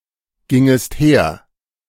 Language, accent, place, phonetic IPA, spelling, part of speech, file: German, Germany, Berlin, [ˌɡɪŋəst ˈheːɐ̯], gingest her, verb, De-gingest her.ogg
- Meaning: second-person singular subjunctive I of hergehen